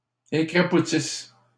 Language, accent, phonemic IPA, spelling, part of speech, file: French, Canada, /e.kʁa.pu.tis/, écrapoutisses, verb, LL-Q150 (fra)-écrapoutisses.wav
- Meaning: second-person singular present/imperfect subjunctive of écrapoutir